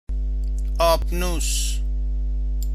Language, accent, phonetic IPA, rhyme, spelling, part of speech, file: Persian, Iran, [ʔɒːb.nuːs], -uːs, آبنوس, noun, Fa-آبنوس.ogg
- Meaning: ebony